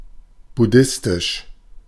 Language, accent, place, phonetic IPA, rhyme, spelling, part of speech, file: German, Germany, Berlin, [bʊˈdɪstɪʃ], -ɪstɪʃ, buddhistisch, adjective, De-buddhistisch.ogg
- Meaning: Buddhist (of, relating to, or practicing Buddhism)